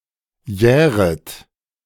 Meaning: second-person plural subjunctive I of jähren
- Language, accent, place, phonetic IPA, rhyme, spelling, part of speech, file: German, Germany, Berlin, [ˈjɛːʁət], -ɛːʁət, jähret, verb, De-jähret.ogg